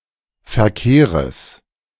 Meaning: genitive singular of Verkehr
- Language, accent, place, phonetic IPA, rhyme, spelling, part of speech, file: German, Germany, Berlin, [fɛɐ̯ˈkeːʁəs], -eːʁəs, Verkehres, noun, De-Verkehres.ogg